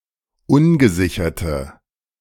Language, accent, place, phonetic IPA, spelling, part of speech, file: German, Germany, Berlin, [ˈʊnɡəˌzɪçɐtə], ungesicherte, adjective, De-ungesicherte.ogg
- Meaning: inflection of ungesichert: 1. strong/mixed nominative/accusative feminine singular 2. strong nominative/accusative plural 3. weak nominative all-gender singular